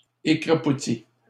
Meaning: feminine singular of écrapouti
- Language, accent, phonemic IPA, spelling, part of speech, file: French, Canada, /e.kʁa.pu.ti/, écrapoutie, verb, LL-Q150 (fra)-écrapoutie.wav